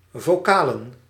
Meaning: plural of vocaal
- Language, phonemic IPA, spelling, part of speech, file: Dutch, /voˈkalə(n)/, vocalen, noun, Nl-vocalen.ogg